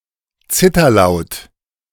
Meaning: trill
- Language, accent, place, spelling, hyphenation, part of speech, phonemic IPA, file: German, Germany, Berlin, Zitterlaut, Zit‧ter‧laut, noun, /ˈt͡sɪtɐˌlaʊ̯t/, De-Zitterlaut.ogg